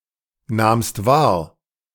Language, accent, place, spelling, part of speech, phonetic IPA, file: German, Germany, Berlin, nahmst wahr, verb, [ˌnaːmst ˈvaːɐ̯], De-nahmst wahr.ogg
- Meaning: second-person singular preterite of wahrnehmen